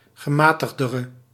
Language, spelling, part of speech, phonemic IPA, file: Dutch, gematigdere, adjective, /ɣəˈmaː.təx.dər/, Nl-gematigdere.ogg
- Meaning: inflection of gematigder, the comparative degree of gematigd: 1. masculine/feminine singular attributive 2. definite neuter singular attributive 3. plural attributive